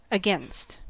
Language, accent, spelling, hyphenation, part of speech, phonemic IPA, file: English, US, against, a‧gainst, preposition / conjunction, /əˈɡɛnst/, En-us-against.ogg
- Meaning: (preposition) 1. In a contrary direction to 2. In physical opposition to; in collision with 3. In physical contact with, so as to abut or be supported by 4. Close to, alongside